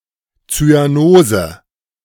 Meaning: cyanosis
- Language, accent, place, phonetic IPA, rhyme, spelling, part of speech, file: German, Germany, Berlin, [t͡syaˈnoːzə], -oːzə, Zyanose, noun, De-Zyanose.ogg